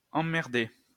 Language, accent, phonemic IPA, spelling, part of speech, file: French, France, /ɑ̃.mɛʁ.de/, emmerder, verb, LL-Q150 (fra)-emmerder.wav
- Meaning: 1. to bug, bother, irritate "the shit out of" someone 2. to bother with 3. to be bored 4. used to tell someone to bug off